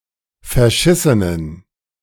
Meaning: inflection of verschissen: 1. strong genitive masculine/neuter singular 2. weak/mixed genitive/dative all-gender singular 3. strong/weak/mixed accusative masculine singular 4. strong dative plural
- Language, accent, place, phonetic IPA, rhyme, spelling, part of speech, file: German, Germany, Berlin, [fɛɐ̯ˈʃɪsənən], -ɪsənən, verschissenen, adjective, De-verschissenen.ogg